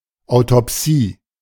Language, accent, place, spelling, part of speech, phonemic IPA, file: German, Germany, Berlin, Autopsie, noun, /aʊ̯.tɔpˈsiː/, De-Autopsie.ogg
- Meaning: autopsy (post-mortem examination involving dissection of the body)